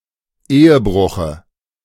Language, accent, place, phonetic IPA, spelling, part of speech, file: German, Germany, Berlin, [ˈeːəˌbʁʊxə], Ehebruche, noun, De-Ehebruche.ogg
- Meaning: dative singular of Ehebruch